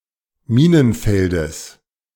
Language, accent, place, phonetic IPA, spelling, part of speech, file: German, Germany, Berlin, [ˈmiːnənˌfɛldəs], Minenfeldes, noun, De-Minenfeldes.ogg
- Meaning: genitive singular of Minenfeld